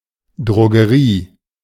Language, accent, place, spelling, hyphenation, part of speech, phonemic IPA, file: German, Germany, Berlin, Drogerie, Dro‧ge‧rie, noun, /dʁoɡəˈʁiː/, De-Drogerie.ogg
- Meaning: a retail store selling beauty, hygiene and household related products as well as certain non-prescription medications, roughly equivalent to a drugstore/chemist